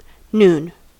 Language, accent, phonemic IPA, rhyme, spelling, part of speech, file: English, US, /nun/, -uːn, noon, noun / verb, En-us-noon.ogg
- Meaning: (noun) The time of day when the Sun seems to reach its highest point in the sky; solar noon